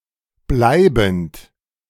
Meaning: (verb) present participle of bleiben; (adjective) 1. permanent, lasting, abiding 2. steady
- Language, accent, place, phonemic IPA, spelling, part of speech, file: German, Germany, Berlin, /ˈblaɪ̯bənt/, bleibend, verb / adjective, De-bleibend.ogg